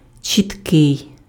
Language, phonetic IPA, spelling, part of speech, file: Ukrainian, [t͡ʃʲitˈkɪi̯], чіткий, adjective, Uk-чіткий.ogg
- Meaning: 1. clear, clear-cut, distinct 2. legible 3. exact, accurate, precise